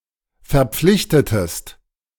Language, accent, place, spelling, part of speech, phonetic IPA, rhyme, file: German, Germany, Berlin, verpflichtetest, verb, [fɛɐ̯ˈp͡flɪçtətəst], -ɪçtətəst, De-verpflichtetest.ogg
- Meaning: inflection of verpflichten: 1. second-person singular preterite 2. second-person singular subjunctive II